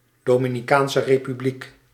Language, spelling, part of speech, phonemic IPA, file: Dutch, Dominicaanse Republiek, proper noun, /doː.mi.niˌkaːn.sə reː.pyˈblik/, Nl-Dominicaanse Republiek.ogg
- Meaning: Dominican Republic (a country in the Caribbean)